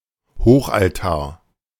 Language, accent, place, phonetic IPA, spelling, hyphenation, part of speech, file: German, Germany, Berlin, [ˈhoːχʔalˌtaːɐ̯], Hochaltar, Hoch‧al‧tar, noun, De-Hochaltar.ogg
- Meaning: high altar